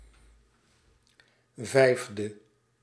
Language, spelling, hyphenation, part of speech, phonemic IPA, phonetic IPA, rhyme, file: Dutch, vijfde, vijf‧de, adjective, /ˈvɛi̯f.də/, [ˈvɛi̯vdə], -ɛi̯fdə, Nl-vijfde.ogg
- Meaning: fifth